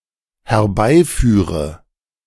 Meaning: inflection of herbeiführen: 1. first-person singular dependent present 2. first/third-person singular dependent subjunctive I
- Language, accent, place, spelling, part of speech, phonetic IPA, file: German, Germany, Berlin, herbeiführe, verb, [hɛɐ̯ˈbaɪ̯ˌfyːʁə], De-herbeiführe.ogg